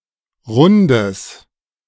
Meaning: strong/mixed nominative/accusative neuter singular of rund
- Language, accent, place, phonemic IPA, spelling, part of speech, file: German, Germany, Berlin, /ˈʁʊndəs/, rundes, adjective, De-rundes.ogg